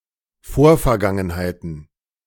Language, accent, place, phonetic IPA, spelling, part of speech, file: German, Germany, Berlin, [ˈfoːɐ̯fɛɐ̯ˌɡaŋənhaɪ̯tn̩], Vorvergangenheiten, noun, De-Vorvergangenheiten.ogg
- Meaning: plural of Vorvergangenheit